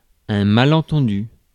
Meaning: misunderstanding
- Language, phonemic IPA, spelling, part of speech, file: French, /ma.lɑ̃.tɑ̃.dy/, malentendu, noun, Fr-malentendu.ogg